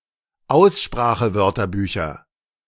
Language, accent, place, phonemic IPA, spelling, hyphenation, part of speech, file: German, Germany, Berlin, /ˈaʊ̯sʃpʁaːxəˌvœʁtɐbyːçɐ/, Aussprachewörterbücher, Aus‧spra‧che‧wör‧ter‧bü‧cher, noun, De-Aussprachewörterbücher.ogg
- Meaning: nominative/accusative/genitive plural of Aussprachewörterbuch